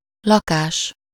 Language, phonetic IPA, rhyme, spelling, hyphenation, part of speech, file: Hungarian, [ˈlɒkaːʃ], -aːʃ, lakás, la‧kás, noun, Hu-lakás.ogg
- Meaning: 1. apartment (US), flat (GB), home 2. verbal noun of lakik: staying, living, residence